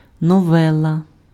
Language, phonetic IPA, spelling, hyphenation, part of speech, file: Ukrainian, [nɔˈʋɛɫɐ], новела, но‧ве‧ла, noun, Uk-новела.ogg
- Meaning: novella (short novel)